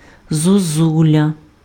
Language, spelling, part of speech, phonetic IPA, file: Ukrainian, зозуля, noun, [zoˈzulʲɐ], Uk-зозуля.ogg
- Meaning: 1. cuckoo 2. ocarina